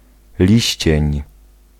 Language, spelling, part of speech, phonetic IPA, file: Polish, liścień, noun, [ˈlʲiɕt͡ɕɛ̇̃ɲ], Pl-liścień.ogg